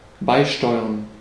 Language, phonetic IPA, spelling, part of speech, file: German, [ˈbaɪ̯ˌʃtɔɪ̯ɐn], beisteuern, verb, De-beisteuern.ogg
- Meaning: to contribute